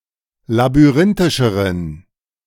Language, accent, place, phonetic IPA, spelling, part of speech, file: German, Germany, Berlin, [labyˈʁɪntɪʃəʁən], labyrinthischeren, adjective, De-labyrinthischeren.ogg
- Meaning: inflection of labyrinthisch: 1. strong genitive masculine/neuter singular comparative degree 2. weak/mixed genitive/dative all-gender singular comparative degree